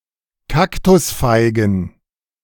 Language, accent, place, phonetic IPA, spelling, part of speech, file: German, Germany, Berlin, [ˈkaktʊsfaɪ̯ɡn̩], Kaktusfeigen, noun, De-Kaktusfeigen.ogg
- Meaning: plural of Kaktusfeige